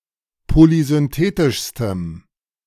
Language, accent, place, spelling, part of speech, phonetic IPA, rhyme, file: German, Germany, Berlin, polysynthetischstem, adjective, [polizʏnˈteːtɪʃstəm], -eːtɪʃstəm, De-polysynthetischstem.ogg
- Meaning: strong dative masculine/neuter singular superlative degree of polysynthetisch